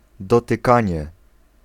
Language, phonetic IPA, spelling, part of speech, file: Polish, [ˌdɔtɨˈkãɲɛ], dotykanie, noun, Pl-dotykanie.ogg